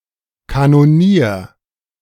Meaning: cannoneer
- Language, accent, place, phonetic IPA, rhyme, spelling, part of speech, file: German, Germany, Berlin, [kanoˈniːɐ̯], -iːɐ̯, Kanonier, noun, De-Kanonier.ogg